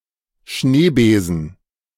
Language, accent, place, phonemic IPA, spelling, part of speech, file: German, Germany, Berlin, /ˈʃneːˌbeːzən/, Schneebesen, noun, De-Schneebesen.ogg
- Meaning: whisk (kitchen utensil)